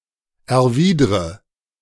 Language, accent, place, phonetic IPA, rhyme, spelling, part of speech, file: German, Germany, Berlin, [ɛɐ̯ˈviːdʁə], -iːdʁə, erwidre, verb, De-erwidre.ogg
- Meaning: inflection of erwidern: 1. first-person singular present 2. first/third-person singular subjunctive I 3. singular imperative